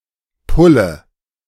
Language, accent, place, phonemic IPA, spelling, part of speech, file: German, Germany, Berlin, /ˈpʊlə/, Pulle, noun, De-Pulle.ogg
- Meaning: bottle